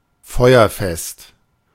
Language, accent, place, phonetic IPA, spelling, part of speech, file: German, Germany, Berlin, [ˈfɔɪ̯ɐˌfɛst], feuerfest, adjective, De-feuerfest.ogg
- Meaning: 1. fireproof 2. flameproof